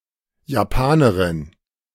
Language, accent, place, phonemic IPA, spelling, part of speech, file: German, Germany, Berlin, /jaˈpaːnəʁɪn/, Japanerin, noun, De-Japanerin.ogg
- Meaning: female equivalent of Japaner (“Japanese person”)